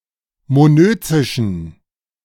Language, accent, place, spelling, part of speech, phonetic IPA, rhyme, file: German, Germany, Berlin, monözischen, adjective, [moˈnøːt͡sɪʃn̩], -øːt͡sɪʃn̩, De-monözischen.ogg
- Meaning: inflection of monözisch: 1. strong genitive masculine/neuter singular 2. weak/mixed genitive/dative all-gender singular 3. strong/weak/mixed accusative masculine singular 4. strong dative plural